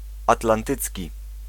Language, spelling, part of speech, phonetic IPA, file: Polish, atlantycki, adjective, [ˌatlãnˈtɨt͡sʲci], Pl-atlantycki.ogg